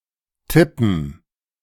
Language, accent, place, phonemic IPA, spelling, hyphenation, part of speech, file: German, Germany, Berlin, /ˈtɪpən/, tippen, tip‧pen, verb, De-tippen2.ogg
- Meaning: 1. to tap, to strike lightly (often repeatedly) 2. to type (on a typewriter or keyboard) 3. to make an informed guess 4. to make a prediction (of a sport result, etc.)